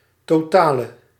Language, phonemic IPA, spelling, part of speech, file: Dutch, /toˈtalə/, totale, adjective, Nl-totale.ogg
- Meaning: inflection of totaal: 1. masculine/feminine singular attributive 2. definite neuter singular attributive 3. plural attributive